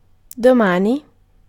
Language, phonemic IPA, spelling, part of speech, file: Italian, /do.ˈma.ni/, domani, adverb / noun, It-domani.ogg